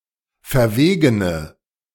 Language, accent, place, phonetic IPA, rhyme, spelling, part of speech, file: German, Germany, Berlin, [fɛɐ̯ˈveːɡənə], -eːɡənə, verwegene, adjective, De-verwegene.ogg
- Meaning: inflection of verwegen: 1. strong/mixed nominative/accusative feminine singular 2. strong nominative/accusative plural 3. weak nominative all-gender singular